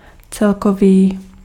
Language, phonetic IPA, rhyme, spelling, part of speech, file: Czech, [ˈt͡sɛlkoviː], -oviː, celkový, adjective, Cs-celkový.ogg
- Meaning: 1. overall 2. total